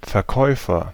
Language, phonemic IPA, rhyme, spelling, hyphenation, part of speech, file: German, /fɛɐ̯ˈkɔɪ̯fɐ/, -ɔɪ̯fɐ, Verkäufer, Ver‧käu‧fer, noun, De-Verkäufer.ogg
- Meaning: agent noun of verkaufen: 1. seller (one who sells something) 2. salesclerk, salesman, shop assistant, sales assistant, vendor (one whose profession is to sell things)